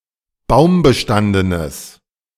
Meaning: strong/mixed nominative/accusative neuter singular of baumbestanden
- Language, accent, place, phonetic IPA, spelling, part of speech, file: German, Germany, Berlin, [ˈbaʊ̯mbəˌʃtandənəs], baumbestandenes, adjective, De-baumbestandenes.ogg